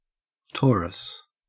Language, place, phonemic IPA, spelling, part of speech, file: English, Queensland, /ˈtoː.ɹəs/, torus, noun, En-au-torus.ogg